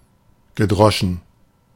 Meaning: past participle of dreschen
- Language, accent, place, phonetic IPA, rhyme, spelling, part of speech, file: German, Germany, Berlin, [ɡəˈdʁɔʃn̩], -ɔʃn̩, gedroschen, verb, De-gedroschen.ogg